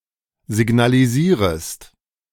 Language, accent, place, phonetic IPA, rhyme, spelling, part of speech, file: German, Germany, Berlin, [zɪɡnaliˈziːʁəst], -iːʁəst, signalisierest, verb, De-signalisierest.ogg
- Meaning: second-person singular subjunctive I of signalisieren